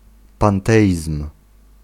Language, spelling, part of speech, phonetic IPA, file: Polish, panteizm, noun, [pãnˈtɛʲism̥], Pl-panteizm.ogg